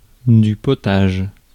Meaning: soup (dish)
- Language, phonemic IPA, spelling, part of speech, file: French, /pɔ.taʒ/, potage, noun, Fr-potage.ogg